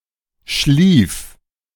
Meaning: 1. first/third-person singular preterite of schlafen 2. singular imperative of schliefen
- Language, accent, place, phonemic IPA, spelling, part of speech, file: German, Germany, Berlin, /ʃliːf/, schlief, verb, De-schlief.ogg